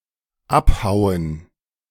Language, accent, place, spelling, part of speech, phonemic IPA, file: German, Germany, Berlin, abhauen, verb, /ˈapˌhaʊ̯ən/, De-abhauen.ogg
- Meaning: 1. to cut off (with a cutting weapon) 2. to leave abruptly, to do a runner 3. to crack up, to laugh one's head off